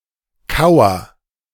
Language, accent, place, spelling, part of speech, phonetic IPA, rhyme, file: German, Germany, Berlin, kauer, verb, [ˈkaʊ̯ɐ], -aʊ̯ɐ, De-kauer.ogg
- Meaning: inflection of kauern: 1. first-person singular present 2. singular imperative